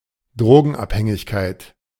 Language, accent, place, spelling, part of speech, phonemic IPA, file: German, Germany, Berlin, Drogenabhängigkeit, noun, /ˈdʁoːɡn̩ˌʔaphɛŋɪçkaɪ̯t/, De-Drogenabhängigkeit.ogg
- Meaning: drug dependence, drug dependency